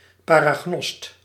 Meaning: clairvoyant
- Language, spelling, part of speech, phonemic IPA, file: Dutch, paragnost, noun, /ˌparaˈɣnɔst/, Nl-paragnost.ogg